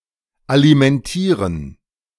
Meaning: to support financially
- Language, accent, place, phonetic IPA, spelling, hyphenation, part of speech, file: German, Germany, Berlin, [alimɛnˈtiːʁən], alimentieren, ali‧men‧tie‧ren, verb, De-alimentieren.ogg